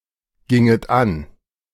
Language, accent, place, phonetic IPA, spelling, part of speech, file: German, Germany, Berlin, [ˌɡɪŋət ˈan], ginget an, verb, De-ginget an.ogg
- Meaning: second-person plural subjunctive II of angehen